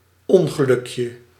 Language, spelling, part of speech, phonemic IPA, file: Dutch, ongelukje, noun, /ˈɔŋɣəˌlʏkjə/, Nl-ongelukje.ogg
- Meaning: diminutive of ongeluk